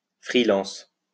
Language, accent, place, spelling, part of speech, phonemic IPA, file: French, France, Lyon, freelance, adjective / noun, /fʁi.lɑ̃s/, LL-Q150 (fra)-freelance.wav
- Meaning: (adjective) freelance; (noun) freelancer (someone who freelances)